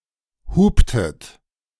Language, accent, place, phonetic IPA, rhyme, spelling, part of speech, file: German, Germany, Berlin, [ˈhuːptət], -uːptət, huptet, verb, De-huptet.ogg
- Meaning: inflection of hupen: 1. second-person plural preterite 2. second-person plural subjunctive II